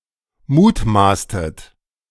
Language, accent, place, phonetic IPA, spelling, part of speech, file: German, Germany, Berlin, [ˈmuːtˌmaːstət], mutmaßtet, verb, De-mutmaßtet.ogg
- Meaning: inflection of mutmaßen: 1. second-person plural preterite 2. second-person plural subjunctive II